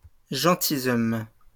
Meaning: plural of gentilhomme
- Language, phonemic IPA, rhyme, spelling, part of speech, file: French, /ʒɑ̃.ti.zɔm/, -ɔm, gentilshommes, noun, LL-Q150 (fra)-gentilshommes.wav